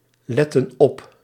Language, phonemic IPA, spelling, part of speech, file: Dutch, /ˈlɛtə(n) ˈɔp/, letten op, verb, Nl-letten op.ogg
- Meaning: inflection of opletten: 1. plural present/past indicative 2. plural present/past subjunctive